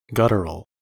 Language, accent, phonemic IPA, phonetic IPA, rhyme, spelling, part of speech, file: English, US, /ˈɡʌtəɹəl/, [ˈɡʌɾəɹəɫ̩], -ʌtəɹəl, guttural, adjective / noun, En-us-guttural.ogg
- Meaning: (adjective) Of, relating to, or connected to the throat